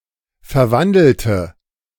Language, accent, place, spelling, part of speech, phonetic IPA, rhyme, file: German, Germany, Berlin, verwandelte, adjective / verb, [fɛɐ̯ˈvandl̩tə], -andl̩tə, De-verwandelte.ogg
- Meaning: inflection of verwandeln: 1. first/third-person singular preterite 2. first/third-person singular subjunctive II